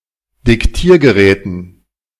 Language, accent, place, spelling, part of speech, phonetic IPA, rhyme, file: German, Germany, Berlin, Diktiergeräten, noun, [dɪkˈtiːɐ̯ɡəˌʁɛːtn̩], -iːɐ̯ɡəʁɛːtn̩, De-Diktiergeräten.ogg
- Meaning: dative plural of Diktiergerät